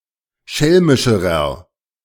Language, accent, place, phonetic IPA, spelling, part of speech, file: German, Germany, Berlin, [ˈʃɛlmɪʃəʁɐ], schelmischerer, adjective, De-schelmischerer.ogg
- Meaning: inflection of schelmisch: 1. strong/mixed nominative masculine singular comparative degree 2. strong genitive/dative feminine singular comparative degree 3. strong genitive plural comparative degree